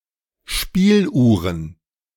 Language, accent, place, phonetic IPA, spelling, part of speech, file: German, Germany, Berlin, [ˈʃpiːlˌʔuːʁən], Spieluhren, noun, De-Spieluhren.ogg
- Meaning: plural of Spieluhr